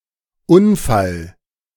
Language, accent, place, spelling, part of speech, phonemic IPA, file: German, Germany, Berlin, Unfall, noun, /ˈʊnˌfal/, De-Unfall.ogg
- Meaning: accident